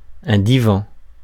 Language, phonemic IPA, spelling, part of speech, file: French, /di.vɑ̃/, divan, noun, Fr-divan.ogg
- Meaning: 1. any type of undistinguished couch 2. a divan in either of the original Turkish senses